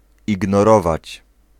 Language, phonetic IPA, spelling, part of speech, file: Polish, [ˌiɡnɔˈrɔvat͡ɕ], ignorować, verb, Pl-ignorować.ogg